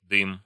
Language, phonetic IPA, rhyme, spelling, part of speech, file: Russian, [dɨm], -ɨm, дым, noun, Ru-дым .ogg
- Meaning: 1. smoke 2. hearth, chimney (as a taxable unit for households in medieval Rus and in the Grand Duchy of Lithuania)